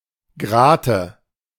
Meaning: nominative/accusative/genitive plural of Grat
- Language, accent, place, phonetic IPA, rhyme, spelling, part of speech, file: German, Germany, Berlin, [ˈɡʁaːtə], -aːtə, Grate, noun, De-Grate.ogg